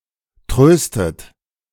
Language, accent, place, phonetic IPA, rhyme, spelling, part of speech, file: German, Germany, Berlin, [ˈtʁøːstət], -øːstət, tröstet, verb, De-tröstet.ogg
- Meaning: inflection of trösten: 1. third-person singular present 2. second-person plural present 3. second-person plural subjunctive I 4. plural imperative